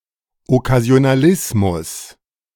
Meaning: nonce word
- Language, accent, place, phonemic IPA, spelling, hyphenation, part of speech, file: German, Germany, Berlin, /ɔkazi̯onaˈlɪsmʊs/, Okkasionalismus, Ok‧ka‧si‧o‧na‧lis‧mus, noun, De-Okkasionalismus.ogg